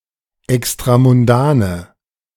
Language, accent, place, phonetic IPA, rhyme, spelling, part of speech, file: German, Germany, Berlin, [ɛkstʁamʊnˈdaːnə], -aːnə, extramundane, adjective, De-extramundane.ogg
- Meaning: inflection of extramundan: 1. strong/mixed nominative/accusative feminine singular 2. strong nominative/accusative plural 3. weak nominative all-gender singular